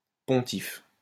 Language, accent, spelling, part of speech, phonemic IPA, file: French, France, pontife, noun, /pɔ̃.tif/, LL-Q150 (fra)-pontife.wav
- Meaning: pontiff